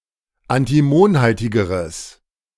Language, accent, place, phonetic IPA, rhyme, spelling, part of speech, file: German, Germany, Berlin, [antiˈmoːnˌhaltɪɡəʁəs], -oːnhaltɪɡəʁəs, antimonhaltigeres, adjective, De-antimonhaltigeres.ogg
- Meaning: strong/mixed nominative/accusative neuter singular comparative degree of antimonhaltig